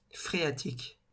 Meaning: phreatic
- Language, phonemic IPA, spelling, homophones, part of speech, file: French, /fʁe.a.tik/, phréatique, phréatiques, adjective, LL-Q150 (fra)-phréatique.wav